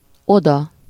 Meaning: there (to that place), thither
- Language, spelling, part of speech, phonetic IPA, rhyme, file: Hungarian, oda, adverb, [ˈodɒ], -dɒ, Hu-oda.ogg